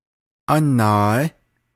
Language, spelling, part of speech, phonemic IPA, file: Navajo, ánaaí, noun, /ʔɑ́nɑ̀ːɪ́/, Nv-ánaaí.ogg
- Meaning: elder brother